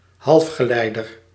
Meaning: a semiconductor (substance with electrical conductivity properties)
- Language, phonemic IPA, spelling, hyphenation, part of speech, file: Dutch, /ˈɦɑlf.xəˌlɛi̯.dər/, halfgeleider, half‧ge‧lei‧der, noun, Nl-halfgeleider.ogg